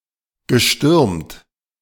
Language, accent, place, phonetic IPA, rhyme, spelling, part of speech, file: German, Germany, Berlin, [ɡəˈʃtʏʁmt], -ʏʁmt, gestürmt, verb, De-gestürmt.ogg
- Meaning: past participle of stürmen